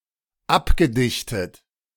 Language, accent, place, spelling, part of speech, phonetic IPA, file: German, Germany, Berlin, abgedichtet, verb, [ˈapɡəˌdɪçtət], De-abgedichtet.ogg
- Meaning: past participle of abdichten